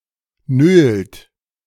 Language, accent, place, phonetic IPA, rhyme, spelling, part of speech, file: German, Germany, Berlin, [nøːlt], -øːlt, nölt, verb, De-nölt.ogg
- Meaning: inflection of nölen: 1. third-person singular present 2. second-person plural present 3. plural imperative